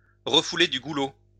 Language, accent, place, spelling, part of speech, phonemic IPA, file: French, France, Lyon, refouler du goulot, verb, /ʁə.fu.le dy ɡu.lo/, LL-Q150 (fra)-refouler du goulot.wav
- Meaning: to have bad breath